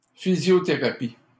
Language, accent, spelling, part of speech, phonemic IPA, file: French, Canada, physiothérapie, noun, /fi.zjɔ.te.ʁa.pi/, LL-Q150 (fra)-physiothérapie.wav
- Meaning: physiotherapy